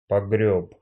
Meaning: masculine singular past indicative perfective of погрести́ (pogrestí)
- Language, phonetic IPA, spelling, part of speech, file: Russian, [pɐˈɡrʲɵp], погрёб, verb, Ru-погрёб.ogg